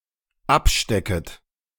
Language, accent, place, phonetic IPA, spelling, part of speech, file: German, Germany, Berlin, [ˈapˌʃtɛkət], abstecket, verb, De-abstecket.ogg
- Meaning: second-person plural dependent subjunctive I of abstecken